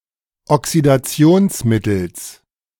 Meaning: genitive singular of Oxidationsmittel
- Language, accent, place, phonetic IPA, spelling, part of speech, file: German, Germany, Berlin, [ɔksidaˈt͡si̯oːnsˌmɪtl̩s], Oxidationsmittels, noun, De-Oxidationsmittels.ogg